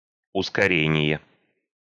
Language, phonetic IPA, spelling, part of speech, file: Russian, [ʊskɐˈrʲenʲɪje], ускорение, noun, Ru-ускорение.ogg
- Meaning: acceleration (act, state)